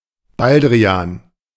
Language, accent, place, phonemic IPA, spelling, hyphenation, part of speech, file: German, Germany, Berlin, /ˈbaldriˌaːn/, Baldrian, Bal‧d‧ri‧an, noun, De-Baldrian.ogg
- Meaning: 1. valerian (Valeriana officinalis) 2. valerian (Valeriana, any plant of the genus Valeriana)